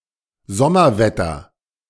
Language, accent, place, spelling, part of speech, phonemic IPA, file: German, Germany, Berlin, Sommerwetter, noun, /ˈzɔmɐvɛtɐ/, De-Sommerwetter.ogg
- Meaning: summer weather